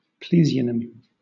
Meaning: Synonym of parasynonym
- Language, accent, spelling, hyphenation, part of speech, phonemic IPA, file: English, Southern England, plesionym, ple‧sio‧nym, noun, /ˈpliːzɪənɪm/, LL-Q1860 (eng)-plesionym.wav